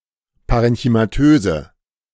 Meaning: inflection of parenchymatös: 1. strong/mixed nominative/accusative feminine singular 2. strong nominative/accusative plural 3. weak nominative all-gender singular
- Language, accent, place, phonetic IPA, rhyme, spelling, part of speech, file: German, Germany, Berlin, [ˌpaʁɛnçymaˈtøːzə], -øːzə, parenchymatöse, adjective, De-parenchymatöse.ogg